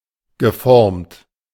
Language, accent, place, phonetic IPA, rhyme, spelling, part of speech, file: German, Germany, Berlin, [ɡəˈfɔʁmt], -ɔʁmt, geformt, adjective / verb, De-geformt.ogg
- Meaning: past participle of formen